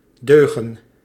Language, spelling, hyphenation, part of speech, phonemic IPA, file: Dutch, deugen, deu‧gen, verb, /ˈdøːɣə(n)/, Nl-deugen.ogg
- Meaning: 1. to be good, well-behaved, moral, etc 2. to be of good quality, be reliable